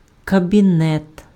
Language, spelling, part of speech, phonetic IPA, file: Ukrainian, кабінет, noun, [kɐbʲiˈnɛt], Uk-кабінет.ogg
- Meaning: 1. cabinet 2. office, room 3. study